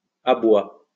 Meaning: 1. plural of aboi 2. the last stage of coursing where the dogs are closing in on the game, and their cries at that time
- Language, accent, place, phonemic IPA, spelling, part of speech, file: French, France, Lyon, /a.bwa/, abois, noun, LL-Q150 (fra)-abois.wav